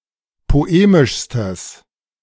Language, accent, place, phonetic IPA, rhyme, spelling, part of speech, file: German, Germany, Berlin, [poˈeːmɪʃstəs], -eːmɪʃstəs, poemischstes, adjective, De-poemischstes.ogg
- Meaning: strong/mixed nominative/accusative neuter singular superlative degree of poemisch